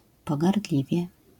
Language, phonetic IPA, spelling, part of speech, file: Polish, [ˌpɔɡarˈdlʲivʲjɛ], pogardliwie, adverb, LL-Q809 (pol)-pogardliwie.wav